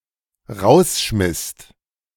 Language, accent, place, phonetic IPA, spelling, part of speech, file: German, Germany, Berlin, [ˈʁaʊ̯sˌʃmɪst], rausschmisst, verb, De-rausschmisst.ogg
- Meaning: second-person singular/plural dependent preterite of rausschmeißen